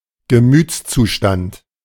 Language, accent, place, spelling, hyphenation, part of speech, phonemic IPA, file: German, Germany, Berlin, Gemütszustand, Ge‧müts‧zu‧stand, noun, /ɡəˈmyːt͡s.t͡suˌʃtant/, De-Gemütszustand.ogg
- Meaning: emotional state, frame of mind, state of mind